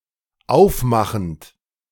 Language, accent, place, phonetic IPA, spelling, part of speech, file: German, Germany, Berlin, [ˈaʊ̯fˌmaxn̩t], aufmachend, verb, De-aufmachend.ogg
- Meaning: present participle of aufmachen